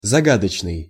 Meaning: 1. enigmatic, mysterious 2. obscure (difficult to understand) 3. riddlesome
- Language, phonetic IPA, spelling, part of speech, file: Russian, [zɐˈɡadət͡ɕnɨj], загадочный, adjective, Ru-загадочный.ogg